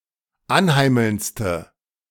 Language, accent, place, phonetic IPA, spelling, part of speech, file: German, Germany, Berlin, [ˈanˌhaɪ̯ml̩nt͡stə], anheimelndste, adjective, De-anheimelndste.ogg
- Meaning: inflection of anheimelnd: 1. strong/mixed nominative/accusative feminine singular superlative degree 2. strong nominative/accusative plural superlative degree